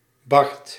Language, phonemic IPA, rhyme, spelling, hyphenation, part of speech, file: Dutch, /bɑrt/, -ɑrt, Bart, Bart, proper noun, Nl-Bart.ogg
- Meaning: a male given name